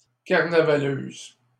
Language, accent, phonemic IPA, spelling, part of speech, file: French, Canada, /kaʁ.na.va.løz/, carnavaleuse, noun, LL-Q150 (fra)-carnavaleuse.wav
- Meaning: female equivalent of carnavaleux